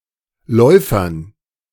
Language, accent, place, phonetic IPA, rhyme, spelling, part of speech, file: German, Germany, Berlin, [ˈlɔɪ̯fɐn], -ɔɪ̯fɐn, Läufern, noun, De-Läufern.ogg
- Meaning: dative plural of Läufer